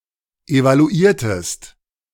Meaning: inflection of evaluieren: 1. second-person singular preterite 2. second-person singular subjunctive II
- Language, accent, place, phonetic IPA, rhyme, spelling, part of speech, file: German, Germany, Berlin, [evaluˈiːɐ̯təst], -iːɐ̯təst, evaluiertest, verb, De-evaluiertest.ogg